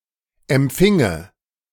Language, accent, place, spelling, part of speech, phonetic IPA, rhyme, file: German, Germany, Berlin, empfinge, verb, [ɛmˈp͡fɪŋə], -ɪŋə, De-empfinge.ogg
- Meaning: first/third-person singular subjunctive II of empfangen